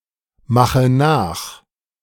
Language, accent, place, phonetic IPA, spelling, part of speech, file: German, Germany, Berlin, [ˌmaxə ˈnaːx], mache nach, verb, De-mache nach.ogg
- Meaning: inflection of nachmachen: 1. first-person singular present 2. first/third-person singular subjunctive I 3. singular imperative